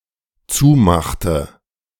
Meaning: inflection of zumachen: 1. first/third-person singular dependent preterite 2. first/third-person singular dependent subjunctive II
- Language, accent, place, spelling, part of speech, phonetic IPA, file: German, Germany, Berlin, zumachte, verb, [ˈt͡suːˌmaxtə], De-zumachte.ogg